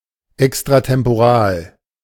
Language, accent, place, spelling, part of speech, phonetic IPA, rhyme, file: German, Germany, Berlin, extra-temporal, adjective, [ˌɛkstʁatɛmpoˈʁaːl], -aːl, De-extra-temporal.ogg
- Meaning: alternative form of extratemporal